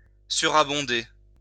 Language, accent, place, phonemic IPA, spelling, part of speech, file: French, France, Lyon, /sy.ʁa.bɔ̃.de/, surabonder, verb, LL-Q150 (fra)-surabonder.wav
- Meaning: to abound (in)